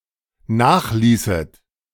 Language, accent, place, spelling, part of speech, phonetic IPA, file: German, Germany, Berlin, nachließet, verb, [ˈnaːxˌliːsət], De-nachließet.ogg
- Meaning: second-person plural dependent subjunctive II of nachlassen